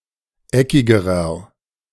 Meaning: inflection of eckig: 1. strong/mixed nominative masculine singular comparative degree 2. strong genitive/dative feminine singular comparative degree 3. strong genitive plural comparative degree
- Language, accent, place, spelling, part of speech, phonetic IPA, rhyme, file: German, Germany, Berlin, eckigerer, adjective, [ˈɛkɪɡəʁɐ], -ɛkɪɡəʁɐ, De-eckigerer.ogg